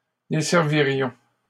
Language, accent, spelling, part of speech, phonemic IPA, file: French, Canada, desservirions, verb, /de.sɛʁ.vi.ʁjɔ̃/, LL-Q150 (fra)-desservirions.wav
- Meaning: first-person plural conditional of desservir